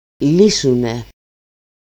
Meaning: third-person plural dependent active of λύνω (lýno)
- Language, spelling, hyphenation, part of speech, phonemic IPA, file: Greek, λύσουνε, λύ‧σου‧νε, verb, /ˈli.su.ne/, El-λύσουνε.ogg